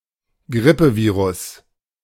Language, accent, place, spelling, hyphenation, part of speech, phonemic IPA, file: German, Germany, Berlin, Grippevirus, Grip‧pe‧vi‧rus, noun, /ˈɡʁɪpəˌviːʁʊs/, De-Grippevirus.ogg
- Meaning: flu virus